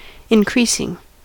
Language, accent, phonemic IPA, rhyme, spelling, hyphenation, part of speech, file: English, US, /ɪnˈkɹiːsɪŋ/, -iːsɪŋ, increasing, in‧creas‧ing, adjective / verb / noun, En-us-increasing.ogg
- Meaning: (adjective) On the increase; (verb) present participle and gerund of increase; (noun) An increase